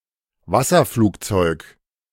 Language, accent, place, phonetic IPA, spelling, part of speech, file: German, Germany, Berlin, [ˈvasɐˌfluːkt͡sɔɪ̯k], Wasserflugzeug, noun, De-Wasserflugzeug.ogg
- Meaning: seaplane, hydroplane